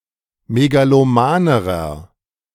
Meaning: inflection of megaloman: 1. strong/mixed nominative masculine singular comparative degree 2. strong genitive/dative feminine singular comparative degree 3. strong genitive plural comparative degree
- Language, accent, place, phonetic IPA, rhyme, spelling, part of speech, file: German, Germany, Berlin, [meɡaloˈmaːnəʁɐ], -aːnəʁɐ, megalomanerer, adjective, De-megalomanerer.ogg